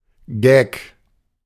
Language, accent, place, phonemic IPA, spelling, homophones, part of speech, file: German, Germany, Berlin, /ɡɛk/, Gag, Geck, noun, De-Gag.ogg
- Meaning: gag (a joke or other mischievous prank)